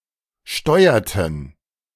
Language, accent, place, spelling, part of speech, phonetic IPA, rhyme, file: German, Germany, Berlin, steuerten, verb, [ˈʃtɔɪ̯ɐtn̩], -ɔɪ̯ɐtn̩, De-steuerten.ogg
- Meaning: inflection of steuern: 1. first/third-person plural preterite 2. first/third-person plural subjunctive II